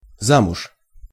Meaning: married (to a man only)
- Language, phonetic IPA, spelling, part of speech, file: Russian, [ˈzamʊʂ], замуж, adverb, Ru-замуж.ogg